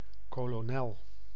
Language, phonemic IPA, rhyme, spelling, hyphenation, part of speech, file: Dutch, /ˌkoː.loːˈnɛl/, -ɛl, kolonel, ko‧lo‧nel, noun, Nl-kolonel.ogg
- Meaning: 1. colonel, the military rank 2. a size of type between insertio and petit, standardized as 7 point